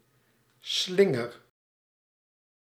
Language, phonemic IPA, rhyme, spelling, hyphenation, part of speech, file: Dutch, /ˈslɪ.ŋər/, -ɪŋər, slinger, slin‧ger, noun / verb, Nl-slinger.ogg
- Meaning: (noun) 1. the act of slinging 2. a pendulum. Such object in mechanics, e.g. on a clock 3. a garland, a line with party flags or similar decoration 4. a sling (projectile weapon) 5. starting handle